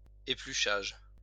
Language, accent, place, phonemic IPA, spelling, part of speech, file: French, France, Lyon, /e.ply.ʃaʒ/, épluchage, noun, LL-Q150 (fra)-épluchage.wav
- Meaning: peeling, cleaning of vegetables etc